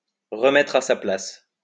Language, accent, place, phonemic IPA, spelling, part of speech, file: French, France, Lyon, /ʁə.mɛ.tʁ‿a sa plas/, remettre à sa place, verb, LL-Q150 (fra)-remettre à sa place.wav
- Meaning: to pull someone down a peg, to put someone in their place